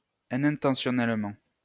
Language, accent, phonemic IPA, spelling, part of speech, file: French, France, /i.nɛ̃.tɑ̃.sjɔ.nɛl.mɑ̃/, inintentionnellement, adverb, LL-Q150 (fra)-inintentionnellement.wav
- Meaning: unintentionally